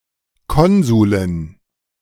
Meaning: 1. female equivalent of Konsul 2. a consul's wife
- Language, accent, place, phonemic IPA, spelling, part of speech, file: German, Germany, Berlin, /ˈkɔnzulɪn/, Konsulin, noun, De-Konsulin.ogg